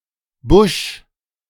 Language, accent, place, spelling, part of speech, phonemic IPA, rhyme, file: German, Germany, Berlin, Busch, noun / proper noun, /bʊʃ/, -ʊʃ, De-Busch.ogg
- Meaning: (noun) 1. bush, shrub 2. bushes, thicket, brush, scrub, copse (densely vegetated area with mainly smaller plants and some trees) 3. boondocks, the middle of nowhere; a remote, rural area